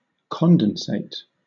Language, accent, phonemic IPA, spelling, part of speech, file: English, Southern England, /ˈkɒndənseɪt/, condensate, noun / verb, LL-Q1860 (eng)-condensate.wav
- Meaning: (noun) 1. A liquid that is the product of condensation of a gas, i.e. of steam 2. The product of a condensation reaction 3. Any of various condensed quantum states; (verb) To condense